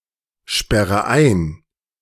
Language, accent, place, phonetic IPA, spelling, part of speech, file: German, Germany, Berlin, [ˌʃpɛʁə ˈaɪ̯n], sperre ein, verb, De-sperre ein.ogg
- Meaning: inflection of einsperren: 1. first-person singular present 2. first/third-person singular subjunctive I 3. singular imperative